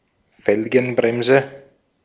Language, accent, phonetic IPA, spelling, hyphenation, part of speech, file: German, Austria, [ˈfɛlɡənˌbʁɛmzə], Felgenbremse, Fel‧gen‧brem‧se, noun, De-at-Felgenbremse.ogg
- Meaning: rim brake